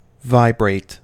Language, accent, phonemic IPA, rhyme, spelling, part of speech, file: English, US, /ˈvaɪ.bɹeɪt/, -eɪt, vibrate, verb / noun / adjective, En-us-vibrate.ogg
- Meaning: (verb) 1. To shake with small, rapid movements to and fro 2. To resonate 3. To brandish; to swing to and fro 4. To mark or measure by moving to and fro